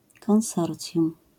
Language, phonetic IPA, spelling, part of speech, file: Polish, [kɔ̃w̃ˈsɔrt͡sʲjũm], konsorcjum, noun, LL-Q809 (pol)-konsorcjum.wav